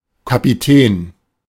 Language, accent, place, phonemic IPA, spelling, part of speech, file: German, Germany, Berlin, /kapiˈtɛːn/, Kapitän, noun, De-Kapitän.ogg
- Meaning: 1. captain 2. ellipsis of Kapitän zur See (“captain: high-level officer rank equivalent to an army colonel”) 3. captain (medium-level officer rank)